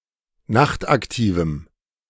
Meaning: strong dative masculine/neuter singular of nachtaktiv
- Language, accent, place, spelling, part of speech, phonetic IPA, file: German, Germany, Berlin, nachtaktivem, adjective, [ˈnaxtʔakˌtiːvm̩], De-nachtaktivem.ogg